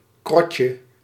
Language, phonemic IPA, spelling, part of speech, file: Dutch, /ˈkrɔcə/, krotje, noun, Nl-krotje.ogg
- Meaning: diminutive of krot